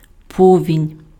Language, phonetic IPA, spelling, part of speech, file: Ukrainian, [ˈpɔʋʲinʲ], повінь, noun, Uk-повінь.ogg
- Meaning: flood, inundation (overflow of water)